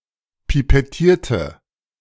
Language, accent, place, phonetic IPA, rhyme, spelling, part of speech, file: German, Germany, Berlin, [pipɛˈtiːɐ̯tə], -iːɐ̯tə, pipettierte, adjective / verb, De-pipettierte.ogg
- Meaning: inflection of pipettieren: 1. first/third-person singular preterite 2. first/third-person singular subjunctive II